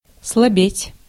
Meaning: to weaken, to grow weak/feeble, to slack off, to slacken
- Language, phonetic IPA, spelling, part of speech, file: Russian, [sɫɐˈbʲetʲ], слабеть, verb, Ru-слабеть.ogg